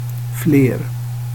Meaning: more and most (in numbers)
- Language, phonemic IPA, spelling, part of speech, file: Swedish, /fleːr/, fler, adjective, Sv-fler.ogg